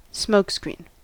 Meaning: 1. Smoke used as a disguise, mask or cover, as of troops in battle 2. Anything used metaphorically to conceal or distract
- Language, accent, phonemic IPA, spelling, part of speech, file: English, US, /ˈsmoʊkˌskɹin/, smokescreen, noun, En-us-smokescreen.ogg